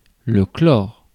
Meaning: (noun) chlorine; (verb) inflection of chlorer: 1. first/third-person singular present indicative/subjunctive 2. second-person singular imperative
- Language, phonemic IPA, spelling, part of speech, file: French, /klɔʁ/, chlore, noun / verb, Fr-chlore.ogg